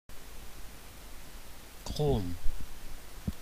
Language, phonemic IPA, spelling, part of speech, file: German, /kʁoːm/, Chrom, noun, De-Chrom.ogg
- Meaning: chromium